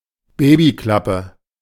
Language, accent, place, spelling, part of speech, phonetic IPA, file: German, Germany, Berlin, Babyklappe, noun, [ˈbeːbiˌklapə], De-Babyklappe.ogg
- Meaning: baby hatch